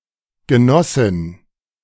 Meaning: female equivalent of Genosse
- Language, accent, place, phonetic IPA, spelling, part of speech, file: German, Germany, Berlin, [ɡəˈnɔsɪn], Genossin, noun, De-Genossin.ogg